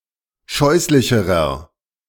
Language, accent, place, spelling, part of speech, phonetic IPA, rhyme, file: German, Germany, Berlin, scheußlicherer, adjective, [ˈʃɔɪ̯slɪçəʁɐ], -ɔɪ̯slɪçəʁɐ, De-scheußlicherer.ogg
- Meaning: inflection of scheußlich: 1. strong/mixed nominative masculine singular comparative degree 2. strong genitive/dative feminine singular comparative degree 3. strong genitive plural comparative degree